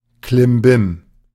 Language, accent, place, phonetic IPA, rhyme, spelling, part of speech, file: German, Germany, Berlin, [klɪmˈbɪm], -ɪm, Klimbim, noun, De-Klimbim.ogg
- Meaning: 1. ado, bustle 2. junk, odds and ends